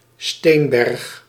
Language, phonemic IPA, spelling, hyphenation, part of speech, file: Dutch, /ˈsteːn.bɛrx/, steenberg, steen‧berg, noun, Nl-steenberg.ogg
- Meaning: spoil heap (mound made up of rubble from mining excavations)